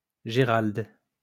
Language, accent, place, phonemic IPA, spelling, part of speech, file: French, France, Lyon, /ʒe.ʁald/, Gérald, proper noun, LL-Q150 (fra)-Gérald.wav
- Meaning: a male given name, equivalent to English Gerald